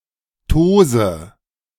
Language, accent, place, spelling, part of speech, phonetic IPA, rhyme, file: German, Germany, Berlin, tose, verb, [ˈtoːzə], -oːzə, De-tose.ogg
- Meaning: inflection of tosen: 1. first-person singular present 2. first/third-person singular subjunctive I 3. singular imperative